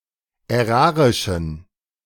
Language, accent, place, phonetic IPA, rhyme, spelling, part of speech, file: German, Germany, Berlin, [ɛˈʁaːʁɪʃn̩], -aːʁɪʃn̩, ärarischen, adjective, De-ärarischen.ogg
- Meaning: inflection of ärarisch: 1. strong genitive masculine/neuter singular 2. weak/mixed genitive/dative all-gender singular 3. strong/weak/mixed accusative masculine singular 4. strong dative plural